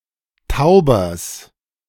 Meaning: genitive singular of Tauber
- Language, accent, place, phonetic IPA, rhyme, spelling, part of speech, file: German, Germany, Berlin, [ˈtaʊ̯bɐs], -aʊ̯bɐs, Taubers, noun, De-Taubers.ogg